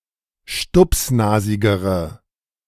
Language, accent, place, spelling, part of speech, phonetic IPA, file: German, Germany, Berlin, stupsnasigere, adjective, [ˈʃtʊpsˌnaːzɪɡəʁə], De-stupsnasigere.ogg
- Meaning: inflection of stupsnasig: 1. strong/mixed nominative/accusative feminine singular comparative degree 2. strong nominative/accusative plural comparative degree